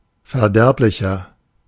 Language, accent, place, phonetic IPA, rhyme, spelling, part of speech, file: German, Germany, Berlin, [fɛɐ̯ˈdɛʁplɪçɐ], -ɛʁplɪçɐ, verderblicher, adjective, De-verderblicher.ogg
- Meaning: 1. comparative degree of verderblich 2. inflection of verderblich: strong/mixed nominative masculine singular 3. inflection of verderblich: strong genitive/dative feminine singular